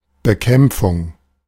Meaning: combat, fight, battle
- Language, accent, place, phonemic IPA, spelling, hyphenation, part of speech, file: German, Germany, Berlin, /bəˈkɛmpfʊŋ/, Bekämpfung, Be‧kämp‧fung, noun, De-Bekämpfung.ogg